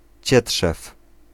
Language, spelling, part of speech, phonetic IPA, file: Polish, cietrzew, noun, [ˈt͡ɕɛṭʃɛf], Pl-cietrzew.ogg